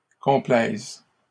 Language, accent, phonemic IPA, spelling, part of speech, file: French, Canada, /kɔ̃.plɛz/, complaisent, verb, LL-Q150 (fra)-complaisent.wav
- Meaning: third-person plural present indicative/conditional of complaire